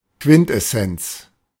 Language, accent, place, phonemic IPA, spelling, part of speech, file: German, Germany, Berlin, /ˈkvɪntʔɛˌsɛnt͡s/, Quintessenz, noun, De-Quintessenz.ogg
- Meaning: quintessence: the essence of a thing